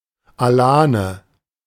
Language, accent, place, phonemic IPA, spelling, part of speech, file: German, Germany, Berlin, /aˈlaːnə/, Alane, noun, De-Alane.ogg
- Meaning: 1. Alan (a member of the Iranian nomadic people of the Alans) 2. Alan (an inhabitant of the historical kingdom of Alania)